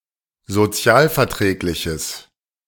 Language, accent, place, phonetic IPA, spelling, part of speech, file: German, Germany, Berlin, [zoˈt͡si̯aːlfɛɐ̯ˌtʁɛːklɪçəs], sozialverträgliches, adjective, De-sozialverträgliches.ogg
- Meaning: strong/mixed nominative/accusative neuter singular of sozialverträglich